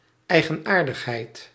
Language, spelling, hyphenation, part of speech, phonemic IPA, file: Dutch, eigenaardigheid, ei‧gen‧aar‧dig‧heid, noun, /ˌɛi̯.ɣəˈnaːr.dəx.ɦɛi̯t/, Nl-eigenaardigheid.ogg
- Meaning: idiosyncrasy, peculiarity